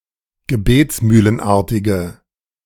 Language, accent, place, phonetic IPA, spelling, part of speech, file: German, Germany, Berlin, [ɡəˈbeːt͡smyːlənˌʔaʁtɪɡə], gebetsmühlenartige, adjective, De-gebetsmühlenartige.ogg
- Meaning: inflection of gebetsmühlenartig: 1. strong/mixed nominative/accusative feminine singular 2. strong nominative/accusative plural 3. weak nominative all-gender singular